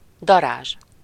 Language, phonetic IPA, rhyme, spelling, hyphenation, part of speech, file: Hungarian, [ˈdɒraːʒ], -aːʒ, darázs, da‧rázs, noun, Hu-darázs.ogg
- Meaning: wasp (insect)